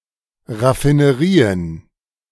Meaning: plural of Raffinerie
- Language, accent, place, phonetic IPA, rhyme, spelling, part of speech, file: German, Germany, Berlin, [ʁafinəˈʁiːən], -iːən, Raffinerien, noun, De-Raffinerien.ogg